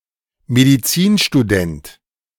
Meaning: medical student (person attending medical school or receiving a medical education, male or of unspecified sex)
- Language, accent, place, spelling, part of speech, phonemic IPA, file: German, Germany, Berlin, Medizinstudent, noun, /mediˈt͡siːnʃtuˌdɛnt/, De-Medizinstudent.ogg